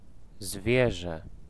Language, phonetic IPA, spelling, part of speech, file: Polish, [ˈzvʲjɛʒɛ], zwierzę, noun / verb, Pl-zwierzę.ogg